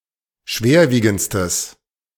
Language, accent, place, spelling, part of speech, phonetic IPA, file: German, Germany, Berlin, schwerwiegendstes, adjective, [ˈʃveːɐ̯ˌviːɡn̩t͡stəs], De-schwerwiegendstes.ogg
- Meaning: strong/mixed nominative/accusative neuter singular superlative degree of schwerwiegend